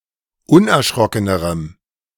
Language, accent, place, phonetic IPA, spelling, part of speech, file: German, Germany, Berlin, [ˈʊnʔɛɐ̯ˌʃʁɔkənəʁəm], unerschrockenerem, adjective, De-unerschrockenerem.ogg
- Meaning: strong dative masculine/neuter singular comparative degree of unerschrocken